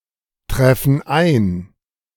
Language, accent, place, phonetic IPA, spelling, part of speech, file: German, Germany, Berlin, [ˌtʁɛfn̩ ˈaɪ̯n], treffen ein, verb, De-treffen ein.ogg
- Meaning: inflection of eintreffen: 1. first/third-person plural present 2. first/third-person plural subjunctive I